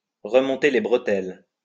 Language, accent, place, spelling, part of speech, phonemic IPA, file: French, France, Lyon, remonter les bretelles, verb, /ʁə.mɔ̃.te le bʁə.tɛl/, LL-Q150 (fra)-remonter les bretelles.wav
- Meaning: 1. to tell off, to lecture, to give (someone) an earbashing, to straighten out 2. to catch heat, to catch hell